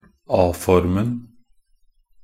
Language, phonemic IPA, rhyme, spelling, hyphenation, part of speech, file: Norwegian Bokmål, /ˈɑː.fɔrmn̩/, -ɔrmn̩, a-formen, a-‧for‧men, noun, Nb-a-formen.ogg
- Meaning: definite masculine singular of a-form